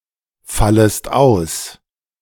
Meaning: second-person singular subjunctive I of ausfallen
- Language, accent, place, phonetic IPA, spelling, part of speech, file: German, Germany, Berlin, [ˌfaləst ˈaʊ̯s], fallest aus, verb, De-fallest aus.ogg